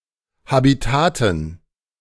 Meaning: dative plural of Habitat
- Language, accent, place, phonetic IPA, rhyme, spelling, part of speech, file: German, Germany, Berlin, [habiˈtaːtn̩], -aːtn̩, Habitaten, noun, De-Habitaten.ogg